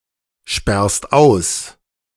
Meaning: second-person singular present of aussperren
- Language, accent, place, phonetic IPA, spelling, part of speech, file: German, Germany, Berlin, [ˌʃpɛʁst ˈaʊ̯s], sperrst aus, verb, De-sperrst aus.ogg